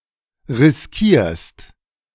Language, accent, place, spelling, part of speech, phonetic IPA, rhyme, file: German, Germany, Berlin, riskierst, verb, [ʁɪsˈkiːɐ̯st], -iːɐ̯st, De-riskierst.ogg
- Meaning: second-person singular present of riskieren